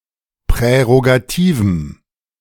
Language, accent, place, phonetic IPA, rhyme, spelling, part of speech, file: German, Germany, Berlin, [pʁɛʁoɡaˈtiːvm̩], -iːvm̩, prärogativem, adjective, De-prärogativem.ogg
- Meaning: strong dative masculine/neuter singular of prärogativ